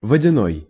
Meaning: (adjective) water; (noun) vodyanoy (a water sprite in Slavic mythology)
- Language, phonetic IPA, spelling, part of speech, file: Russian, [vədʲɪˈnoj], водяной, adjective / noun, Ru-водяной.ogg